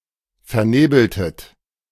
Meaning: inflection of vernebeln: 1. second-person plural preterite 2. second-person plural subjunctive II
- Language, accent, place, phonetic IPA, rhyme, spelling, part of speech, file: German, Germany, Berlin, [fɛɐ̯ˈneːbl̩tət], -eːbl̩tət, vernebeltet, verb, De-vernebeltet.ogg